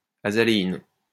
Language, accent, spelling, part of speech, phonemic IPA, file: French, France, azaléine, noun, /a.za.le.in/, LL-Q150 (fra)-azaléine.wav
- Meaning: azalein